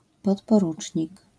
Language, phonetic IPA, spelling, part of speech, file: Polish, [ˌpɔtpɔˈrut͡ʃʲɲik], podporucznik, noun, LL-Q809 (pol)-podporucznik.wav